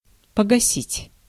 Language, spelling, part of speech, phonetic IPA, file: Russian, погасить, verb, [pəɡɐˈsʲitʲ], Ru-погасить.ogg
- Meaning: 1. to put out, to extinguish 2. to turn off (light) 3. to cancel (debt); to make invalid 4. to quench 5. to slake (lime) 6. to kill (a ball) 7. to kill, to murder, to waste; to beat